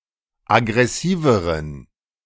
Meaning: inflection of aggressiv: 1. strong genitive masculine/neuter singular comparative degree 2. weak/mixed genitive/dative all-gender singular comparative degree
- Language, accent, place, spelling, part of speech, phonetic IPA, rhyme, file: German, Germany, Berlin, aggressiveren, adjective, [aɡʁɛˈsiːvəʁən], -iːvəʁən, De-aggressiveren.ogg